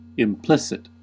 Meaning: 1. Suggested indirectly, without being directly expressed; Implied 2. Contained in the essential nature of something but not openly shown
- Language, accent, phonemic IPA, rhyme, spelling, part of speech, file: English, US, /ɪmˈplɪsɪt/, -ɪsɪt, implicit, adjective, En-us-implicit.ogg